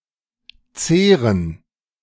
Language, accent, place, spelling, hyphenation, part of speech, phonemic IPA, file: German, Germany, Berlin, zehren, zeh‧ren, verb, /ˈtseːrən/, De-zehren.ogg
- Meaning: 1. to live on, to feed on 2. to undermine, to wear out